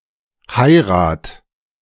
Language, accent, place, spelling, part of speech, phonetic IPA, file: German, Germany, Berlin, heirat, verb, [ˈhaɪ̯ʁat], De-heirat.ogg
- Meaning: singular imperative of heiraten